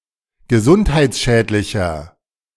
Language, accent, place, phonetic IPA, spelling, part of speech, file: German, Germany, Berlin, [ɡəˈzʊnthaɪ̯t͡sˌʃɛːtlɪçɐ], gesundheitsschädlicher, adjective, De-gesundheitsschädlicher.ogg
- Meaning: 1. comparative degree of gesundheitsschädlich 2. inflection of gesundheitsschädlich: strong/mixed nominative masculine singular